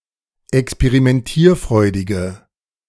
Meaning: inflection of experimentierfreudig: 1. strong/mixed nominative/accusative feminine singular 2. strong nominative/accusative plural 3. weak nominative all-gender singular
- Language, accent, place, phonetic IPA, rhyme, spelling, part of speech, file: German, Germany, Berlin, [ɛkspeʁimɛnˈtiːɐ̯ˌfʁɔɪ̯dɪɡə], -iːɐ̯fʁɔɪ̯dɪɡə, experimentierfreudige, adjective, De-experimentierfreudige.ogg